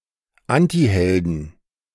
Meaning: inflection of Antiheld: 1. genitive/dative/accusative singular 2. plural
- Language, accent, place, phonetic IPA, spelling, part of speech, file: German, Germany, Berlin, [ˈantihɛldn̩], Antihelden, noun, De-Antihelden.ogg